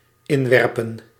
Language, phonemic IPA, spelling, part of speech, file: Dutch, /ˈɪnwɛrpə(n)/, inwerpen, verb, Nl-inwerpen.ogg
- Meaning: 1. to throw in 2. to insert